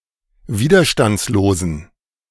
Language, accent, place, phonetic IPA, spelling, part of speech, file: German, Germany, Berlin, [ˈviːdɐʃtant͡sloːzn̩], widerstandslosen, adjective, De-widerstandslosen.ogg
- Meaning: inflection of widerstandslos: 1. strong genitive masculine/neuter singular 2. weak/mixed genitive/dative all-gender singular 3. strong/weak/mixed accusative masculine singular 4. strong dative plural